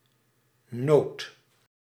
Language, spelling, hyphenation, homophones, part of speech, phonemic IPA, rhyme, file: Dutch, noot, noot, nood, noun, /noːt/, -oːt, Nl-noot.ogg
- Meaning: 1. nut 2. testicle, nut 3. note (musical note) 4. note (brief remark) 5. note (a commentary or reference appended to a text) 6. cattle, livestock 7. cow